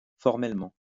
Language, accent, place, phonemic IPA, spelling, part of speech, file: French, France, Lyon, /fɔʁ.mɛl.mɑ̃/, formellement, adverb, LL-Q150 (fra)-formellement.wav
- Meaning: 1. formally, in terms of form 2. strictly, absolutely